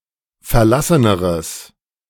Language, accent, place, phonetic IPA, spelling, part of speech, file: German, Germany, Berlin, [fɛɐ̯ˈlasənəʁəs], verlasseneres, adjective, De-verlasseneres.ogg
- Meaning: strong/mixed nominative/accusative neuter singular comparative degree of verlassen